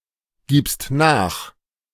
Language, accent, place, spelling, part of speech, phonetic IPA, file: German, Germany, Berlin, gibst nach, verb, [ˌɡiːpst ˈnaːx], De-gibst nach.ogg
- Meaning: second-person singular present of nachgeben